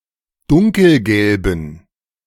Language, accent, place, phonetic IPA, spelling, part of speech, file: German, Germany, Berlin, [ˈdʊŋkl̩ˌɡɛlbn̩], dunkelgelben, adjective, De-dunkelgelben.ogg
- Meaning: inflection of dunkelgelb: 1. strong genitive masculine/neuter singular 2. weak/mixed genitive/dative all-gender singular 3. strong/weak/mixed accusative masculine singular 4. strong dative plural